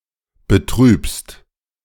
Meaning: second-person singular present of betrüben
- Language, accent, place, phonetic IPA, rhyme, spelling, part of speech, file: German, Germany, Berlin, [bəˈtʁyːpst], -yːpst, betrübst, verb, De-betrübst.ogg